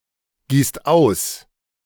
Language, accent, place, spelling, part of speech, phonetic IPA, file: German, Germany, Berlin, gießt aus, verb, [ˌɡiːst ˈaʊ̯s], De-gießt aus.ogg
- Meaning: inflection of ausgießen: 1. second-person plural present 2. plural imperative